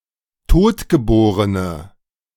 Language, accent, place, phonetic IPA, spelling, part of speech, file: German, Germany, Berlin, [ˈtoːtɡəˌboːʁənə], totgeborene, adjective, De-totgeborene.ogg
- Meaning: inflection of totgeboren: 1. strong/mixed nominative/accusative feminine singular 2. strong nominative/accusative plural 3. weak nominative all-gender singular